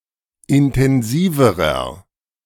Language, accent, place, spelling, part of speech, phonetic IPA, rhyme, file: German, Germany, Berlin, intensiverer, adjective, [ɪntɛnˈziːvəʁɐ], -iːvəʁɐ, De-intensiverer.ogg
- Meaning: inflection of intensiv: 1. strong/mixed nominative masculine singular comparative degree 2. strong genitive/dative feminine singular comparative degree 3. strong genitive plural comparative degree